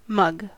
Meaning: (noun) 1. A large cup for beverages, usually having a handle and used without a saucer 2. The face 3. The mouth 4. A gullible or easily cheated person 5. A stupid or contemptible person 6. A criminal
- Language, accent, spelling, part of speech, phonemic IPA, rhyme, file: English, US, mug, noun / verb / adjective, /mʌɡ/, -ʌɡ, En-us-mug.ogg